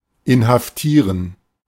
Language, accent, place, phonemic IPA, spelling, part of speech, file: German, Germany, Berlin, /ɪnhafˈtiːʁən/, inhaftieren, verb, De-inhaftieren.ogg
- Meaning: to arrest